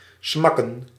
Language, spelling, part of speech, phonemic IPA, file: Dutch, smakken, verb / noun, /ˈsmɑkə(n)/, Nl-smakken.ogg
- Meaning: 1. to smack, to crash hard 2. to make smacking noises with the mouth